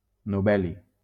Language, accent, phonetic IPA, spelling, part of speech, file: Catalan, Valencia, [noˈbɛ.li], nobeli, noun, LL-Q7026 (cat)-nobeli.wav
- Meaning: nobelium